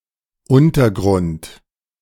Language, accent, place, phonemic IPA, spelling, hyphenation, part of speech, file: German, Germany, Berlin, /ˈʔʊntɐˌɡʁʊnt/, Untergrund, Un‧ter‧grund, noun, De-Untergrund.ogg
- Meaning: 1. subsurface, substratum 2. underground